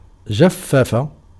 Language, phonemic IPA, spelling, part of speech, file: Arabic, /d͡ʒaf.fa.fa/, جفف, verb, Ar-جفف.ogg
- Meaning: to dry, to desiccate, to dehydrate